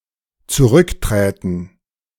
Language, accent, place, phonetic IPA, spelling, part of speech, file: German, Germany, Berlin, [t͡suˈʁʏkˌtʁɛːtn̩], zurückträten, verb, De-zurückträten.ogg
- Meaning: first/third-person plural dependent subjunctive II of zurücktreten